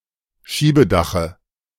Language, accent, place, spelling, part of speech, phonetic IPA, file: German, Germany, Berlin, Schiebedache, noun, [ˈʃiːbəˌdaxə], De-Schiebedache.ogg
- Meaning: dative of Schiebedach